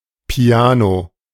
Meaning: 1. piano (musical instrument) 2. soft passage, piano passage
- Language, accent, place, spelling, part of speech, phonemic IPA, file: German, Germany, Berlin, Piano, noun, /piˈaːno/, De-Piano.ogg